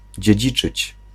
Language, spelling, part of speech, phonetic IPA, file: Polish, dziedziczyć, verb, [d͡ʑɛ̇ˈd͡ʑit͡ʃɨt͡ɕ], Pl-dziedziczyć.ogg